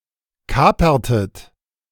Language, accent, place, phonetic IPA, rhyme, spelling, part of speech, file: German, Germany, Berlin, [ˈkaːpɐtət], -aːpɐtət, kapertet, verb, De-kapertet.ogg
- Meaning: inflection of kapern: 1. second-person plural preterite 2. second-person plural subjunctive II